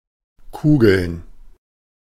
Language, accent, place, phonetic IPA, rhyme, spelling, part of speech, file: German, Germany, Berlin, [ˈkuːɡl̩n], -uːɡl̩n, Kugeln, noun, De-Kugeln.ogg
- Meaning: plural of Kugel